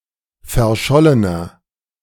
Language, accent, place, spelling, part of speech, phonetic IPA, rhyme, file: German, Germany, Berlin, verschollener, adjective, [fɛɐ̯ˈʃɔlənɐ], -ɔlənɐ, De-verschollener.ogg
- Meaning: inflection of verschollen: 1. strong/mixed nominative masculine singular 2. strong genitive/dative feminine singular 3. strong genitive plural